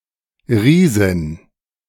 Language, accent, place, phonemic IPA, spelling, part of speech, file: German, Germany, Berlin, /ˈʁiːzɪn/, Riesin, noun, De-Riesin.ogg
- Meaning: a female giant, a giantess